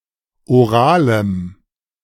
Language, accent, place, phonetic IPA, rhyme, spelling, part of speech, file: German, Germany, Berlin, [oˈʁaːləm], -aːləm, oralem, adjective, De-oralem.ogg
- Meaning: strong dative masculine/neuter singular of oral